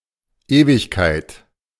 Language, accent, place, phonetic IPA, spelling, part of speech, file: German, Germany, Berlin, [ˈeːvɪçkaɪ̯t], Ewigkeit, noun, De-Ewigkeit.ogg
- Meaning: eternity